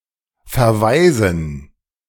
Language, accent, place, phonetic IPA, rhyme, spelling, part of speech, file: German, Germany, Berlin, [fɛɐ̯ˈvaɪ̯zn̩], -aɪ̯zn̩, Verweisen, noun, De-Verweisen.ogg
- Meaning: dative plural of Verweis